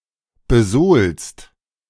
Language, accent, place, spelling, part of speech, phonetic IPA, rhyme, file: German, Germany, Berlin, besohlst, verb, [bəˈzoːlst], -oːlst, De-besohlst.ogg
- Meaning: second-person singular present of besohlen